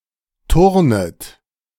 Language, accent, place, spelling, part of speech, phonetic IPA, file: German, Germany, Berlin, turnet, verb, [ˈtʊʁnət], De-turnet.ogg
- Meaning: second-person plural subjunctive I of turnen